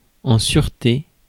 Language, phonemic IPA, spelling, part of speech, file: French, /syʁ.te/, sûreté, noun, Fr-sûreté.ogg
- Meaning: 1. safety 2. security 3. surety